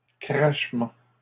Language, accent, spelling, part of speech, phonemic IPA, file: French, Canada, crachement, noun, /kʁaʃ.mɑ̃/, LL-Q150 (fra)-crachement.wav
- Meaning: 1. spit, spitting 2. crackle (of a radio, microphone etc.)